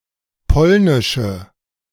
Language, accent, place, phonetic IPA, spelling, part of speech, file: German, Germany, Berlin, [ˈpɔlnɪʃə], polnische, adjective, De-polnische.ogg
- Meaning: inflection of polnisch: 1. strong/mixed nominative/accusative feminine singular 2. strong nominative/accusative plural 3. weak nominative all-gender singular